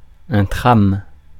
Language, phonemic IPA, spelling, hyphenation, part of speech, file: French, /tʁam/, tram, tram, noun, Fr-tram.ogg
- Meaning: tram (UK), streetcar (US)